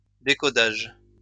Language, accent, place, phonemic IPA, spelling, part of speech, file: French, France, Lyon, /de.kɔ.daʒ/, décodage, noun, LL-Q150 (fra)-décodage.wav
- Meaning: decoding